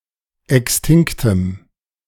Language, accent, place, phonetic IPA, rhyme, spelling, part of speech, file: German, Germany, Berlin, [ˌɛksˈtɪŋktəm], -ɪŋktəm, extinktem, adjective, De-extinktem.ogg
- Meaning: strong dative masculine/neuter singular of extinkt